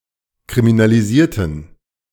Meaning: inflection of kriminalisieren: 1. first/third-person plural preterite 2. first/third-person plural subjunctive II
- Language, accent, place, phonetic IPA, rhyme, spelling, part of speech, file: German, Germany, Berlin, [kʁiminaliˈziːɐ̯tn̩], -iːɐ̯tn̩, kriminalisierten, adjective / verb, De-kriminalisierten.ogg